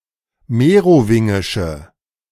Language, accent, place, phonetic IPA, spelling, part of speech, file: German, Germany, Berlin, [ˈmeːʁoˌvɪŋɪʃə], merowingische, adjective, De-merowingische.ogg
- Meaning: inflection of merowingisch: 1. strong/mixed nominative/accusative feminine singular 2. strong nominative/accusative plural 3. weak nominative all-gender singular